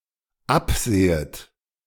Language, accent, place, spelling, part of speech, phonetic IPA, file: German, Germany, Berlin, absehet, verb, [ˈapˌz̥eːət], De-absehet.ogg
- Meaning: second-person plural dependent subjunctive I of absehen